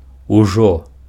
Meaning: already
- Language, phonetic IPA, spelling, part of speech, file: Belarusian, [uˈʐo], ужо, adverb, Be-ужо.ogg